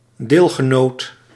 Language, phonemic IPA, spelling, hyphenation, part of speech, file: Dutch, /ˈdeːl.ɣəˌnoːt/, deelgenoot, deel‧ge‧noot, noun, Nl-deelgenoot.ogg
- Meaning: someone who shares something with you, an associate